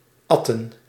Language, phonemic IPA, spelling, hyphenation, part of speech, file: Dutch, /ˈɑtə(n)/, atten, at‧ten, verb, Nl-atten.ogg
- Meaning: to empty a glass by drinking it in one draught; to down, to chug